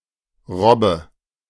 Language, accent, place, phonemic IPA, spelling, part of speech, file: German, Germany, Berlin, /ˈʁɔbə/, Robbe, noun, De-Robbe.ogg
- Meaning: seal, pinniped (animal)